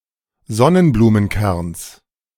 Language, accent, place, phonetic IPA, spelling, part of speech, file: German, Germany, Berlin, [ˈzɔnənbluːmənˌkɛʁns], Sonnenblumenkerns, noun, De-Sonnenblumenkerns.ogg
- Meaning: genitive singular of Sonnenblumenkern